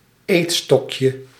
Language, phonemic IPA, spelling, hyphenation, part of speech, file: Dutch, /ˈeːtˌstɔk.jə/, eetstokje, eet‧stok‧je, noun, Nl-eetstokje.ogg
- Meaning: chopstick